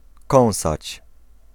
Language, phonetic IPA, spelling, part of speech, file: Polish, [ˈkɔ̃w̃sat͡ɕ], kąsać, verb, Pl-kąsać.ogg